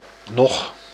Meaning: 1. neither...nor 2. nor
- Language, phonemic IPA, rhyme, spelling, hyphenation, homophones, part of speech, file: Dutch, /nɔx/, -ɔx, noch, noch, nog, conjunction, Nl-noch.ogg